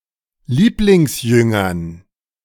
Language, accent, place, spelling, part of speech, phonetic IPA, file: German, Germany, Berlin, Lieblingsjüngern, noun, [ˈliːplɪŋsˌjʏŋɐn], De-Lieblingsjüngern.ogg
- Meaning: dative plural of Lieblingsjünger